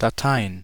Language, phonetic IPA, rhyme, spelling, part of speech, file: German, [daˈtaɪ̯ən], -aɪ̯ən, Dateien, noun, De-Dateien.ogg
- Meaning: plural of Datei